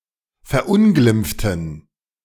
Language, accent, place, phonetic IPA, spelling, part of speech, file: German, Germany, Berlin, [fɛɐ̯ˈʔʊnɡlɪmp͡ftn̩], verunglimpften, adjective / verb, De-verunglimpften.ogg
- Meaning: inflection of verunglimpfen: 1. first/third-person plural preterite 2. first/third-person plural subjunctive II